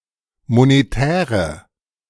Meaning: inflection of monetär: 1. strong/mixed nominative/accusative feminine singular 2. strong nominative/accusative plural 3. weak nominative all-gender singular 4. weak accusative feminine/neuter singular
- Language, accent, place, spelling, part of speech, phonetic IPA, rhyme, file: German, Germany, Berlin, monetäre, adjective, [moneˈtɛːʁə], -ɛːʁə, De-monetäre.ogg